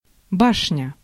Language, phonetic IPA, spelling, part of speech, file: Russian, [ˈbaʂnʲə], башня, noun, Ru-башня.ogg
- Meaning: 1. tower 2. turret (rotating gun installation)